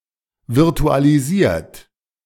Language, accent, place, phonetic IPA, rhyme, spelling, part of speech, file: German, Germany, Berlin, [vɪʁtualiˈziːɐ̯t], -iːɐ̯t, virtualisiert, verb, De-virtualisiert.ogg
- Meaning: 1. past participle of virtualisieren 2. inflection of virtualisieren: third-person singular present 3. inflection of virtualisieren: second-person plural present